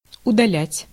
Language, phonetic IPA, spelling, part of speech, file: Russian, [ʊdɐˈlʲætʲ], удалять, verb, Ru-удалять.ogg
- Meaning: 1. to remove 2. to send away, to dismiss 3. to delete 4. to put off, to postpone